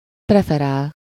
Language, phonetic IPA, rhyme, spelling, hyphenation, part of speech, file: Hungarian, [ˈprɛfɛraːl], -aːl, preferál, pre‧fe‧rál, verb, Hu-preferál.ogg
- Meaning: to prefer